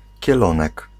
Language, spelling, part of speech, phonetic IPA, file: Polish, kielonek, noun, [cɛˈlɔ̃nɛk], Pl-kielonek.ogg